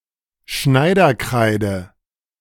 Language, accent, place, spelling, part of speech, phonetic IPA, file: German, Germany, Berlin, Schneiderkreide, noun, [ˈʃnaɪ̯dɐˌkʁaɪ̯də], De-Schneiderkreide.ogg
- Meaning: tailor's chalk (chalk-like material used for marking alterations on fabric)